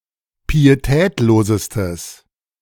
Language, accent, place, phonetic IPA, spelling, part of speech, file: German, Germany, Berlin, [piːeˈtɛːtloːzəstəs], pietätlosestes, adjective, De-pietätlosestes.ogg
- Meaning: strong/mixed nominative/accusative neuter singular superlative degree of pietätlos